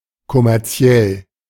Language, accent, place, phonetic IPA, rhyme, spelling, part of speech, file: German, Germany, Berlin, [kɔmɛʁˈt͡si̯ɛl], -ɛl, kommerziell, adjective, De-kommerziell.ogg
- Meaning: commercial